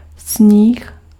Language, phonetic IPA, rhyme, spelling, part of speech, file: Czech, [ˈsɲiːx], -iːx, sníh, noun, Cs-sníh.ogg
- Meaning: 1. snow 2. whipped egg whites 3. cocaine